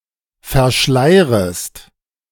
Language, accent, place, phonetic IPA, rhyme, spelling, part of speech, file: German, Germany, Berlin, [fɛɐ̯ˈʃlaɪ̯ʁəst], -aɪ̯ʁəst, verschleirest, verb, De-verschleirest.ogg
- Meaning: second-person singular subjunctive I of verschleiern